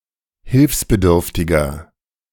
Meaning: 1. comparative degree of hilfsbedürftig 2. inflection of hilfsbedürftig: strong/mixed nominative masculine singular 3. inflection of hilfsbedürftig: strong genitive/dative feminine singular
- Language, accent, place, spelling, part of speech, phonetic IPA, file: German, Germany, Berlin, hilfsbedürftiger, adjective, [ˈhɪlfsbəˌdʏʁftɪɡɐ], De-hilfsbedürftiger.ogg